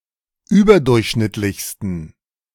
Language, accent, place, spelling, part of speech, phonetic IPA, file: German, Germany, Berlin, überdurchschnittlichsten, adjective, [ˈyːbɐˌdʊʁçʃnɪtlɪçstn̩], De-überdurchschnittlichsten.ogg
- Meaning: 1. superlative degree of überdurchschnittlich 2. inflection of überdurchschnittlich: strong genitive masculine/neuter singular superlative degree